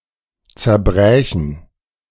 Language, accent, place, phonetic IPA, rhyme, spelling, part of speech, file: German, Germany, Berlin, [t͡sɛɐ̯ˈbʁɛːçn̩], -ɛːçn̩, zerbrächen, verb, De-zerbrächen.ogg
- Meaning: first/third-person plural subjunctive II of zerbrechen